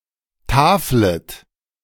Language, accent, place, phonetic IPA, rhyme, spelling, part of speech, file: German, Germany, Berlin, [ˈtaːflət], -aːflət, taflet, verb, De-taflet.ogg
- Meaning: second-person plural subjunctive I of tafeln